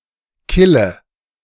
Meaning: inflection of killen: 1. first-person singular present 2. first/third-person singular subjunctive I 3. singular imperative
- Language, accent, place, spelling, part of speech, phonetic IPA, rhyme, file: German, Germany, Berlin, kille, verb, [ˈkɪlə], -ɪlə, De-kille.ogg